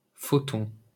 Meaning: photon
- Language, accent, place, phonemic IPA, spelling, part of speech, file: French, France, Paris, /fɔ.tɔ̃/, photon, noun, LL-Q150 (fra)-photon.wav